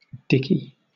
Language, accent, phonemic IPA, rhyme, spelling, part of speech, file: English, Southern England, /ˈdɪki/, -ɪki, Dickie, proper noun, LL-Q1860 (eng)-Dickie.wav
- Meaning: 1. A diminutive of the male given name Dick, a short form of the male given name Richard 2. A surname originating as a patronymic